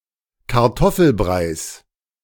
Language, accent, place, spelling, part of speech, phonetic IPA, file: German, Germany, Berlin, Kartoffelbreis, noun, [kaʁˈtɔfl̩ˌbʁaɪ̯s], De-Kartoffelbreis.ogg
- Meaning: genitive singular of Kartoffelbrei